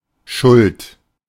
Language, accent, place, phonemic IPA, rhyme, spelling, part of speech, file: German, Germany, Berlin, /ʃʊlt/, -ʊlt, Schuld, noun, De-Schuld.ogg
- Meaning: 1. debt 2. fault 3. guilt 4. blame, responsibility